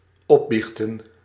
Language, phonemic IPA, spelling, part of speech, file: Dutch, /ˈɔˌbixtə(n)/, opbiechten, verb, Nl-opbiechten.ogg
- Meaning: to confess, own up